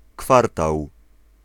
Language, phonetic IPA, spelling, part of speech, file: Polish, [ˈkfartaw], kwartał, noun, Pl-kwartał.ogg